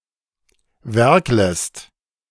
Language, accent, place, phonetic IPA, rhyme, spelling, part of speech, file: German, Germany, Berlin, [ˈvɛʁkləst], -ɛʁkləst, werklest, verb, De-werklest.ogg
- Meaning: second-person singular subjunctive I of werkeln